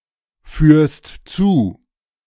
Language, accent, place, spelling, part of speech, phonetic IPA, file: German, Germany, Berlin, führst zu, verb, [ˌfyːɐ̯st ˈt͡suː], De-führst zu.ogg
- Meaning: second-person singular present of zuführen